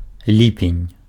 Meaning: July
- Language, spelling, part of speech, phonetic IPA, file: Belarusian, ліпень, noun, [ˈlʲipʲenʲ], Be-ліпень.ogg